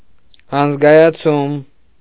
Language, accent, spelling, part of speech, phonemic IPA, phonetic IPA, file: Armenian, Eastern Armenian, անզգայացում, noun, /ɑnəzɡɑjɑˈt͡sʰum/, [ɑnəzɡɑjɑt͡sʰúm], Hy-անզգայացում.ogg
- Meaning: 1. act of making numb 2. anaesthetization